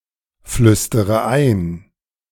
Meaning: inflection of einflüstern: 1. first-person singular present 2. first-person plural subjunctive I 3. third-person singular subjunctive I 4. singular imperative
- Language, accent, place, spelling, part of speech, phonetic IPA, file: German, Germany, Berlin, flüstere ein, verb, [ˌflʏstəʁə ˈaɪ̯n], De-flüstere ein.ogg